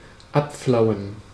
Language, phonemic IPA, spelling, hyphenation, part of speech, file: German, /ˈapˌflaʊ̯ən/, abflauen, ab‧flau‧en, verb, De-abflauen.ogg
- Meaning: to calm down, abate